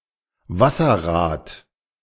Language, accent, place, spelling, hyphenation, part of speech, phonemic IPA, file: German, Germany, Berlin, Wasserrad, Was‧ser‧rad, noun, /ˈvasɐˌʁaːt/, De-Wasserrad.ogg
- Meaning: waterwheel